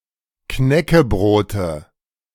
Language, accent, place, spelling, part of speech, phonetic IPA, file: German, Germany, Berlin, Knäckebrote, noun, [ˈknɛkəˌbʁoːtə], De-Knäckebrote.ogg
- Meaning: nominative/accusative/genitive plural of Knäckebrot